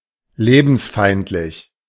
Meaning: hostile to life
- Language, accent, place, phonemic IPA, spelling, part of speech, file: German, Germany, Berlin, /ˈleːbn̩sˌfaɪ̯ntlɪç/, lebensfeindlich, adjective, De-lebensfeindlich.ogg